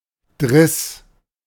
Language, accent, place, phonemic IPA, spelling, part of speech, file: German, Germany, Berlin, /dʁɪs/, Driss, noun, De-Driss.ogg
- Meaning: shit